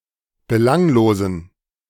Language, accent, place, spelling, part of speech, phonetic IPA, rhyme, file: German, Germany, Berlin, belanglosen, adjective, [bəˈlaŋloːzn̩], -aŋloːzn̩, De-belanglosen.ogg
- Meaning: inflection of belanglos: 1. strong genitive masculine/neuter singular 2. weak/mixed genitive/dative all-gender singular 3. strong/weak/mixed accusative masculine singular 4. strong dative plural